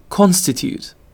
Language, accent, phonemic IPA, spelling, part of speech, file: English, UK, /ˈkɒnstɪtjuːt/, constitute, verb / noun, En-uk-constitute.ogg
- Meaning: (verb) 1. To set up; to establish; to enact 2. To make up; to compose; to form 3. To appoint, depute, or elect to an office; to make and empower; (noun) An established law